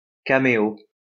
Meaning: cameo (brief appearance)
- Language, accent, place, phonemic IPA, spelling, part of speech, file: French, France, Lyon, /ka.me.o/, caméo, noun, LL-Q150 (fra)-caméo.wav